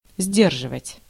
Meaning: 1. to hold in, to hold back, to keep back, to restrain, to hold in check, to contain, to deter 2. to keep (promise, word)
- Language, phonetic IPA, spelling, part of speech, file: Russian, [ˈzʲdʲerʐɨvətʲ], сдерживать, verb, Ru-сдерживать.ogg